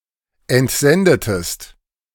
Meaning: inflection of entsenden: 1. second-person singular preterite 2. second-person singular subjunctive II
- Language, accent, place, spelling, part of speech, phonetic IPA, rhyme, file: German, Germany, Berlin, entsendetest, verb, [ɛntˈzɛndətəst], -ɛndətəst, De-entsendetest.ogg